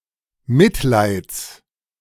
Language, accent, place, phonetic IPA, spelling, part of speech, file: German, Germany, Berlin, [ˈmɪtˌlaɪ̯t͡s], Mitleids, noun, De-Mitleids.ogg
- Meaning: genitive singular of Mitleid